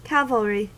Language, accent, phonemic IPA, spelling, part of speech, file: English, US, /ˈkæ.vəl.ɹi/, cavalry, noun, En-us-cavalry.ogg
- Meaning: 1. The military arm of service that fights while riding horses 2. An individual unit of this arm of service